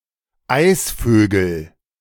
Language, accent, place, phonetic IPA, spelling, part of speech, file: German, Germany, Berlin, [ˈaɪ̯sføːɡl̩], Eisvögel, noun, De-Eisvögel.ogg
- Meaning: nominative/accusative/genitive plural of Eisvogel